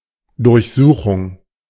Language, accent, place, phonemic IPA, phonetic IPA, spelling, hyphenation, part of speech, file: German, Germany, Berlin, /ˌdʊʁçˈzuːχʊŋ/, [ˌdʊɐ̯çˈzuːχʊŋ], Durchsuchung, Durch‧su‧chung, noun, De-Durchsuchung.ogg
- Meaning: search, searching